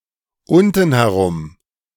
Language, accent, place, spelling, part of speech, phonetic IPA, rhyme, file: German, Germany, Berlin, untenherum, adverb, [ˈʊntn̩hɛˈʁʊm], -ʊm, De-untenherum.ogg
- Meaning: down below, down there